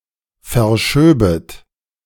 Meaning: second-person plural subjunctive II of verschieben
- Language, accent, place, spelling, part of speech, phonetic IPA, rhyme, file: German, Germany, Berlin, verschöbet, verb, [fɛɐ̯ˈʃøːbət], -øːbət, De-verschöbet.ogg